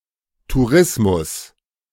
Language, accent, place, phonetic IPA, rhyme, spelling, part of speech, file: German, Germany, Berlin, [tuˈʁɪsmʊs], -ɪsmʊs, Tourismus, noun, De-Tourismus.ogg
- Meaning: tourism